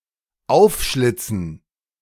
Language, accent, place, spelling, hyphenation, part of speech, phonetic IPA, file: German, Germany, Berlin, aufschlitzen, auf‧schlit‧zen, verb, [ˈaʊ̯fˌʃlɪt͡sn̩], De-aufschlitzen.ogg
- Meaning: to slit open